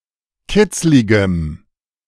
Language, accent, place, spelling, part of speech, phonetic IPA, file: German, Germany, Berlin, kitzligem, adjective, [ˈkɪt͡slɪɡəm], De-kitzligem.ogg
- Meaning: strong dative masculine/neuter singular of kitzlig